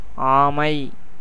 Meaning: 1. tortoise 2. turtle 3. a fan of actor Ajith
- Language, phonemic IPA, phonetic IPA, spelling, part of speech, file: Tamil, /ɑːmɐɪ̯/, [äːmɐɪ̯], ஆமை, noun, Ta-ஆமை.ogg